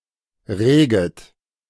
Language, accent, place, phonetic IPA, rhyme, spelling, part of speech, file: German, Germany, Berlin, [ˈʁeːɡət], -eːɡət, reget, verb, De-reget.ogg
- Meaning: second-person plural subjunctive I of regen